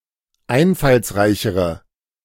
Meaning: inflection of einfallsreich: 1. strong/mixed nominative/accusative feminine singular comparative degree 2. strong nominative/accusative plural comparative degree
- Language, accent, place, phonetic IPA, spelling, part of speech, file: German, Germany, Berlin, [ˈaɪ̯nfalsˌʁaɪ̯çəʁə], einfallsreichere, adjective, De-einfallsreichere.ogg